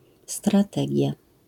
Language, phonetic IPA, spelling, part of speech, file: Polish, [straˈtɛɟja], strategia, noun, LL-Q809 (pol)-strategia.wav